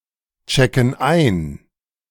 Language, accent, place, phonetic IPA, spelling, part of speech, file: German, Germany, Berlin, [ˌt͡ʃɛkn̩ ˈaɪ̯n], checken ein, verb, De-checken ein.ogg
- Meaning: inflection of einchecken: 1. first/third-person plural present 2. first/third-person plural subjunctive I